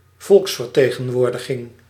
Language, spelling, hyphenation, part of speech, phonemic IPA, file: Dutch, volksvertegenwoordiging, volks‧ver‧te‧gen‧woor‧di‧ging, noun, /ˈvɔlks.fər.teː.ɣə(n)ˌʋoːr.də.ɣɪŋ/, Nl-volksvertegenwoordiging.ogg
- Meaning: a representative body, assembly, house in which representatives assemble